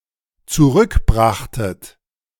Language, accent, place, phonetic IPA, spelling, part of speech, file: German, Germany, Berlin, [t͡suˈʁʏkˌbʁaxtət], zurückbrachtet, verb, De-zurückbrachtet.ogg
- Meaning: second-person plural dependent preterite of zurückbringen